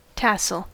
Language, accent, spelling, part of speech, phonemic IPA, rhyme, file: English, US, tassel, noun / verb, /ˈtæsəl/, -æsəl, En-us-tassel.ogg